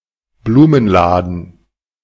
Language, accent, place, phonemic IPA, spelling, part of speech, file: German, Germany, Berlin, /ˈbluːmənˌlaːdən/, Blumenladen, noun, De-Blumenladen.ogg
- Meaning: flower shop, florist's